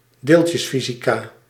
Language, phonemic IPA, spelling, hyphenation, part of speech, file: Dutch, /ˈdeːltjəsˌfizikaː/, deeltjesfysica, deel‧tjes‧fy‧si‧ca, noun, Nl-deeltjesfysica.ogg
- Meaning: the natural science branch particle physics, which studies the basic composition of particles of matter